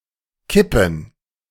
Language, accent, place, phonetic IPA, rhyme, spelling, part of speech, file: German, Germany, Berlin, [ˈkɪpn̩], -ɪpn̩, Kippen, noun, De-Kippen.ogg
- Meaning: plural of Kippe